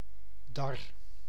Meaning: drone (non-working male bee, ant or wasp)
- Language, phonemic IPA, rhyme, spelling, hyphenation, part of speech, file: Dutch, /dɑr/, -ɑr, dar, dar, noun, Nl-dar.ogg